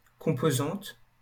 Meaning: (noun) 1. component 2. component (star) 3. (connected) component 4. component (one of the scalars out of which a vector is composed); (adjective) feminine singular of composant
- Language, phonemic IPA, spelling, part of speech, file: French, /kɔ̃.po.zɑ̃t/, composante, noun / adjective, LL-Q150 (fra)-composante.wav